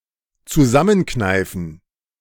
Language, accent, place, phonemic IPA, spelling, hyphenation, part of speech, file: German, Germany, Berlin, /t͡suˈzamənˌknaɪ̯fn̩/, zusammenkneifen, zu‧sam‧men‧knei‧fen, verb, De-zusammenkneifen.ogg
- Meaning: to pinch together, squeeze together